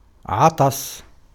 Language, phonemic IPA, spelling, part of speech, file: Arabic, /ʕa.tˤa.sa/, عطس, verb / noun, Ar-عطس.ogg
- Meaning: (verb) to sneeze; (noun) verbal noun of عَطَسَ (ʕaṭasa) (form I)